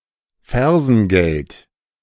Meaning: only used in Fersengeld geben
- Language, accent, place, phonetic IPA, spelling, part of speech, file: German, Germany, Berlin, [ˈfɛʁzn̩ˌɡɛlt], Fersengeld, noun, De-Fersengeld.ogg